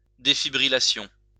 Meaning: defibrillation
- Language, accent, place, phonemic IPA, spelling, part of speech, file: French, France, Lyon, /de.fi.bʁi.la.sjɔ̃/, défibrillation, noun, LL-Q150 (fra)-défibrillation.wav